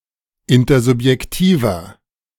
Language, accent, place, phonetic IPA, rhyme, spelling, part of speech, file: German, Germany, Berlin, [ˌɪntɐzʊpjɛkˈtiːvɐ], -iːvɐ, intersubjektiver, adjective, De-intersubjektiver.ogg
- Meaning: inflection of intersubjektiv: 1. strong/mixed nominative masculine singular 2. strong genitive/dative feminine singular 3. strong genitive plural